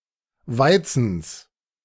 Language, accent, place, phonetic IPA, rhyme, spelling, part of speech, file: German, Germany, Berlin, [ˈvaɪ̯t͡sn̩s], -aɪ̯t͡sn̩s, Weizens, noun, De-Weizens.ogg
- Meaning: genitive singular of Weizen